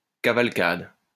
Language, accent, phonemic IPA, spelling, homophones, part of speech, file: French, France, /ka.val.kad/, cavalcade, cavalcadent / cavalcades, noun / verb, LL-Q150 (fra)-cavalcade.wav
- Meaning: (noun) cavalcade; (verb) inflection of cavalcader: 1. first/third-person singular present indicative/subjunctive 2. second-person singular imperative